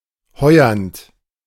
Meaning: present participle of heuern
- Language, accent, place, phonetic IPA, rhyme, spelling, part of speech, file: German, Germany, Berlin, [ˈhɔɪ̯ɐnt], -ɔɪ̯ɐnt, heuernd, verb, De-heuernd.ogg